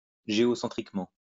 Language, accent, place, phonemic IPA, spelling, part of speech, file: French, France, Lyon, /ʒe.ɔ.sɑ̃.tʁik.mɑ̃/, géocentriquement, adverb, LL-Q150 (fra)-géocentriquement.wav
- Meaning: geocentrically